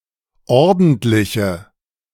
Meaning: inflection of ordentlich: 1. strong/mixed nominative/accusative feminine singular 2. strong nominative/accusative plural 3. weak nominative all-gender singular
- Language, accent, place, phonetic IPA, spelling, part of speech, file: German, Germany, Berlin, [ˈɔʁdn̩tlɪçə], ordentliche, adjective, De-ordentliche.ogg